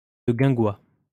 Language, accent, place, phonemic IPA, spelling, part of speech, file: French, France, Lyon, /də ɡɛ̃.ɡwa/, de guingois, prepositional phrase, LL-Q150 (fra)-de guingois.wav
- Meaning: awry